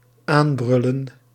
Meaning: 1. to shout at 2. to arrive or approach while shouting or otherwise making loud noises (e.g. from an engine)
- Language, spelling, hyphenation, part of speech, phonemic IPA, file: Dutch, aanbrullen, aan‧brul‧len, verb, /ˈaːnˌbrʏ.lə(n)/, Nl-aanbrullen.ogg